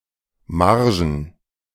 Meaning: plural of Marge
- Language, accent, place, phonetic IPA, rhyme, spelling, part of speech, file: German, Germany, Berlin, [ˈmaʁʒn̩], -aʁʒn̩, Margen, noun, De-Margen.ogg